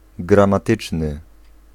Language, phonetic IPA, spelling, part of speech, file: Polish, [ˌɡrãmaˈtɨt͡ʃnɨ], gramatyczny, adjective, Pl-gramatyczny.ogg